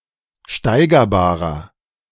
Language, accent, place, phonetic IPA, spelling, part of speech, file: German, Germany, Berlin, [ˈʃtaɪ̯ɡɐˌbaːʁɐ], steigerbarer, adjective, De-steigerbarer.ogg
- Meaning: inflection of steigerbar: 1. strong/mixed nominative masculine singular 2. strong genitive/dative feminine singular 3. strong genitive plural